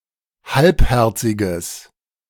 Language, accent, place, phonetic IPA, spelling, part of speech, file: German, Germany, Berlin, [ˈhalpˌhɛʁt͡sɪɡəs], halbherziges, adjective, De-halbherziges.ogg
- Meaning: strong/mixed nominative/accusative neuter singular of halbherzig